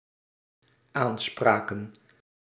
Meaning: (noun) plural of aanspraak; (verb) inflection of aanspreken: 1. plural dependent-clause past indicative 2. plural dependent-clause past subjunctive
- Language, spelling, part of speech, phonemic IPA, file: Dutch, aanspraken, noun / verb, /anˈsprakə(n)/, Nl-aanspraken.ogg